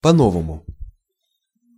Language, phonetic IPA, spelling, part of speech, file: Russian, [pɐ‿ˈnovəmʊ], по-новому, adverb, Ru-по-новому.ogg
- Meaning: 1. in a new way/fashion; anew 2. in the modern fashion